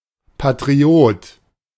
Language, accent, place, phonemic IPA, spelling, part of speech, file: German, Germany, Berlin, /patʁiˈoːt/, Patriot, noun, De-Patriot.ogg
- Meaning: patriot